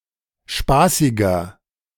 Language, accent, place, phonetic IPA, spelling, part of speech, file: German, Germany, Berlin, [ˈʃpaːsɪɡɐ], spaßiger, adjective, De-spaßiger.ogg
- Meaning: 1. comparative degree of spaßig 2. inflection of spaßig: strong/mixed nominative masculine singular 3. inflection of spaßig: strong genitive/dative feminine singular